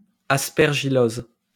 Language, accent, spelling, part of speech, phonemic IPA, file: French, France, aspergillose, noun, /as.pɛʁ.ʒi.joz/, LL-Q150 (fra)-aspergillose.wav
- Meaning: aspergillosis